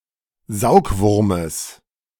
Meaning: genitive of Saugwurm
- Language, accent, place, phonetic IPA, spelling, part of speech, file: German, Germany, Berlin, [ˈzaʊ̯kˌvʊʁməs], Saugwurmes, noun, De-Saugwurmes.ogg